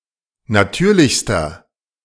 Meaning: inflection of natürlich: 1. strong/mixed nominative masculine singular superlative degree 2. strong genitive/dative feminine singular superlative degree 3. strong genitive plural superlative degree
- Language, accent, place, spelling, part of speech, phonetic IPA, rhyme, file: German, Germany, Berlin, natürlichster, adjective, [naˈtyːɐ̯lɪçstɐ], -yːɐ̯lɪçstɐ, De-natürlichster.ogg